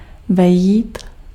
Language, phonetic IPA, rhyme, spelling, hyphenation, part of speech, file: Czech, [ˈvɛjiːt], -ɛjiːt, vejít, ve‧jít, verb, Cs-vejít.ogg
- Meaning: 1. to enter, to come in 2. to fit